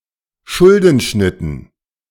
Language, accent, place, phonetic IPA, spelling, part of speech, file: German, Germany, Berlin, [ˈʃʊldn̩ˌʃnɪtn̩], Schuldenschnitten, noun, De-Schuldenschnitten.ogg
- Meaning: dative plural of Schuldenschnitt